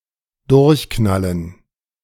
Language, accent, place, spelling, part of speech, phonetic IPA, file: German, Germany, Berlin, durchknallen, verb, [ˈdʊʁçˌknalən], De-durchknallen.ogg
- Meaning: 1. to blow a fuse 2. to go crazy, to freak out